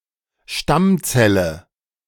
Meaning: stem cell
- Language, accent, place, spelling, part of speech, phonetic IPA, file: German, Germany, Berlin, Stammzelle, noun, [ˈʃtamˌt͡sɛlə], De-Stammzelle.ogg